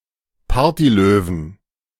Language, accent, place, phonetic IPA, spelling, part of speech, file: German, Germany, Berlin, [ˈpaːɐ̯tiˌløːvn̩], Partylöwen, noun, De-Partylöwen.ogg
- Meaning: 1. genitive singular of Partylöwe 2. plural of Partylöwe